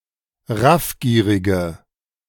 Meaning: inflection of raffgierig: 1. strong/mixed nominative/accusative feminine singular 2. strong nominative/accusative plural 3. weak nominative all-gender singular
- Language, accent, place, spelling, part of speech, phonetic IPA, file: German, Germany, Berlin, raffgierige, adjective, [ˈʁafˌɡiːʁɪɡə], De-raffgierige.ogg